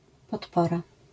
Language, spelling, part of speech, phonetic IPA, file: Polish, podpora, noun, [pɔtˈpɔra], LL-Q809 (pol)-podpora.wav